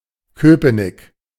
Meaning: obsolete form of Köpenick
- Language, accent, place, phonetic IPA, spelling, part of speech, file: German, Germany, Berlin, [ˈkøːpənɪk], Cöpenick, proper noun, De-Cöpenick.ogg